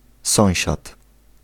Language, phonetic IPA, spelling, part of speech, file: Polish, [ˈsɔ̃w̃ɕat], sąsiad, noun, Pl-sąsiad.ogg